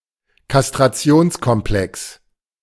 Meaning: castration anxiety
- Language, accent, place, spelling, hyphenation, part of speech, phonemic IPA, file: German, Germany, Berlin, Kastrationskomplex, Kas‧t‧ra‧ti‧ons‧kom‧plex, noun, /kastʁaˈt͡si̯oːnskɔmˌplɛks/, De-Kastrationskomplex.ogg